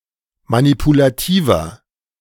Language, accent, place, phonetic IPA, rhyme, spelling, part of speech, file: German, Germany, Berlin, [manipulaˈtiːvɐ], -iːvɐ, manipulativer, adjective, De-manipulativer.ogg
- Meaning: 1. comparative degree of manipulativ 2. inflection of manipulativ: strong/mixed nominative masculine singular 3. inflection of manipulativ: strong genitive/dative feminine singular